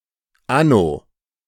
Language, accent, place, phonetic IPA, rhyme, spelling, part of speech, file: German, Germany, Berlin, [ˈano], -ano, anno, adverb, De-anno.ogg
- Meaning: in the year of